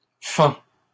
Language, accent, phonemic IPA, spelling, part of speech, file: French, Canada, /fɑ̃/, fend, verb, LL-Q150 (fra)-fend.wav
- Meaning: third-person singular present indicative of fendre